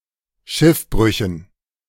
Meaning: dative plural of Schiffbruch
- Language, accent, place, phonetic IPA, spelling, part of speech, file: German, Germany, Berlin, [ˈʃɪfˌbʁʏçn̩], Schiffbrüchen, noun, De-Schiffbrüchen.ogg